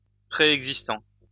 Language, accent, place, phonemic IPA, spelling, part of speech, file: French, France, Lyon, /pʁe.ɛɡ.zis.tɑ̃/, préexistant, adjective / verb, LL-Q150 (fra)-préexistant.wav
- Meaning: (adjective) preexisting; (verb) present participle of préexister